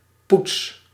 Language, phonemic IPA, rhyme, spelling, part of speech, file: Dutch, /puts/, -uts, poets, verb, Nl-poets.ogg
- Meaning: inflection of poetsen: 1. first-person singular present indicative 2. second-person singular present indicative 3. imperative